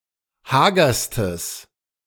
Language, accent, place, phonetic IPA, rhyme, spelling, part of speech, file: German, Germany, Berlin, [ˈhaːɡɐstəs], -aːɡɐstəs, hagerstes, adjective, De-hagerstes.ogg
- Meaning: strong/mixed nominative/accusative neuter singular superlative degree of hager